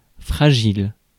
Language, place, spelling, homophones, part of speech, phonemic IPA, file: French, Paris, fragile, fragiles, adjective / noun, /fʁa.ʒil/, Fr-fragile.ogg
- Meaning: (adjective) 1. fragile, breakable, brittle, delicate (that breaks easily) 2. frail 3. fragile, precarious, uncertain; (noun) sensitive person, weak person